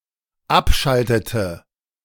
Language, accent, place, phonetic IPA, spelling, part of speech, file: German, Germany, Berlin, [ˈapˌʃaltətə], abschaltete, verb, De-abschaltete.ogg
- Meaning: inflection of abschalten: 1. first/third-person singular dependent preterite 2. first/third-person singular dependent subjunctive II